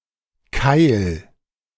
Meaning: 1. a wedge 2. a pile
- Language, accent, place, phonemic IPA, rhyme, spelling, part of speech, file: German, Germany, Berlin, /kaɪ̯l/, -aɪ̯l, Keil, noun, De-Keil.ogg